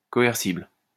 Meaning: coercible
- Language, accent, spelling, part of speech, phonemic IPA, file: French, France, coercible, adjective, /kɔ.ɛʁ.sibl/, LL-Q150 (fra)-coercible.wav